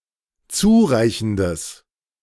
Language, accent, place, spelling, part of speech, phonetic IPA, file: German, Germany, Berlin, zureichendes, adjective, [ˈt͡suːˌʁaɪ̯çn̩dəs], De-zureichendes.ogg
- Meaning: strong/mixed nominative/accusative neuter singular of zureichend